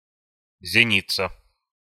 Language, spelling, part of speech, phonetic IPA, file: Russian, зеница, noun, [zʲɪˈnʲit͡sə], Ru-зеница.ogg
- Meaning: pupil (of the eye)